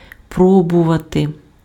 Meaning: to try, to attempt
- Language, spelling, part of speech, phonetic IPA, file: Ukrainian, пробувати, verb, [ˈprɔbʊʋɐte], Uk-пробувати.ogg